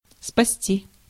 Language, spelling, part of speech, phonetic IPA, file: Russian, спасти, verb, [spɐˈsʲtʲi], Ru-спасти.ogg
- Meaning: 1. to save, to rescue 2. to salvage